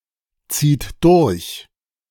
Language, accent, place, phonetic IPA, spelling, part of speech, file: German, Germany, Berlin, [ˌt͡siːt ˈdʊʁç], zieht durch, verb, De-zieht durch.ogg
- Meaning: inflection of durchziehen: 1. third-person singular present 2. second-person plural present 3. plural imperative